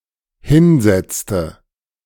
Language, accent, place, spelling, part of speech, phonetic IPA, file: German, Germany, Berlin, hinsetzte, verb, [ˈhɪnˌzɛt͡stə], De-hinsetzte.ogg
- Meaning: inflection of hinsetzen: 1. first/third-person singular dependent preterite 2. first/third-person singular dependent subjunctive II